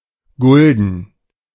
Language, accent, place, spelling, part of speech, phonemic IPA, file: German, Germany, Berlin, Gulden, noun, /ˈɡʊldən/, De-Gulden.ogg
- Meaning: 1. guilder (currency of the Netherlands until 2001) 2. florin; guilder (mediaeval and early modern coin)